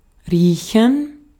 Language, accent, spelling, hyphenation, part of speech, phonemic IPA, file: German, Austria, riechen, rie‧chen, verb, /ˈʁiːçɛn/, De-at-riechen.ogg
- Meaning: 1. to smell (something); to sniff (something) 2. to use the sense of smell; to detect a smell 3. to smell something 4. to reek; to smell bad 5. to smell 6. to tolerate (someone); to stand (someone)